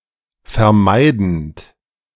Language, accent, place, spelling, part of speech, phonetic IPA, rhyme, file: German, Germany, Berlin, vermeidend, verb, [fɛɐ̯ˈmaɪ̯dn̩t], -aɪ̯dn̩t, De-vermeidend.ogg
- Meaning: present participle of vermeiden